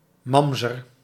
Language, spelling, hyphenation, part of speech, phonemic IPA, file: Dutch, mamzer, mam‧zer, noun, /ˈmɑm.zər/, Nl-mamzer.ogg
- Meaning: mamzer, bastard (child born from a disallowed relationship)